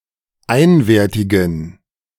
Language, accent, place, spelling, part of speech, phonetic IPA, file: German, Germany, Berlin, einwertigen, adjective, [ˈaɪ̯nveːɐ̯tɪɡn̩], De-einwertigen.ogg
- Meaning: inflection of einwertig: 1. strong genitive masculine/neuter singular 2. weak/mixed genitive/dative all-gender singular 3. strong/weak/mixed accusative masculine singular 4. strong dative plural